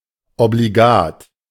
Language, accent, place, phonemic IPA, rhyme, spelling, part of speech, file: German, Germany, Berlin, /obliˈɡaːt/, -aːt, obligat, adjective, De-obligat.ogg
- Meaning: 1. obligatory 2. inevitable